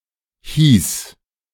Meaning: first/third-person singular preterite of heißen
- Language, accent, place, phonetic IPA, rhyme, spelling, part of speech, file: German, Germany, Berlin, [hiːs], -iːs, hieß, verb, De-hieß.ogg